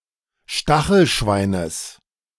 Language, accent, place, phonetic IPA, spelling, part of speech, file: German, Germany, Berlin, [ˈʃtaxl̩ˌʃvaɪ̯nəs], Stachelschweines, noun, De-Stachelschweines.ogg
- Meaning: genitive singular of Stachelschwein